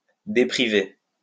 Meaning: to deprive of
- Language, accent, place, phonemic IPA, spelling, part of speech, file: French, France, Lyon, /de.pʁi.ve/, dépriver, verb, LL-Q150 (fra)-dépriver.wav